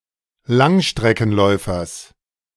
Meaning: genitive of Langstreckenläufer
- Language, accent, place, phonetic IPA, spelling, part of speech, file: German, Germany, Berlin, [ˈlaŋʃtʁɛkn̩ˌlɔɪ̯fɐs], Langstreckenläufers, noun, De-Langstreckenläufers.ogg